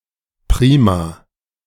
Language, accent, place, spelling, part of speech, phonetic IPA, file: German, Germany, Berlin, prima, adjective, [ˈpʁiːma], De-prima.ogg
- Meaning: great, super